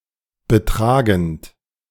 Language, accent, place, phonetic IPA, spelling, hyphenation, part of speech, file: German, Germany, Berlin, [bəˈtʁaːɡn̩t], betragend, be‧tra‧gend, verb, De-betragend.ogg
- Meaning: present participle of betragen